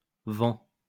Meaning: third-person singular present indicative of vendre
- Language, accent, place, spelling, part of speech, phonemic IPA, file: French, France, Lyon, vend, verb, /vɑ̃/, LL-Q150 (fra)-vend.wav